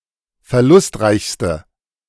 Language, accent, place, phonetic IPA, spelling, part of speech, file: German, Germany, Berlin, [fɛɐ̯ˈlʊstˌʁaɪ̯çstə], verlustreichste, adjective, De-verlustreichste.ogg
- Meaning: inflection of verlustreich: 1. strong/mixed nominative/accusative feminine singular superlative degree 2. strong nominative/accusative plural superlative degree